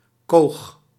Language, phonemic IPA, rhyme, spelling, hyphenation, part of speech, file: Dutch, /koːx/, -oːx, koog, koog, noun, Nl-koog.ogg
- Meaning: alternative form of kaag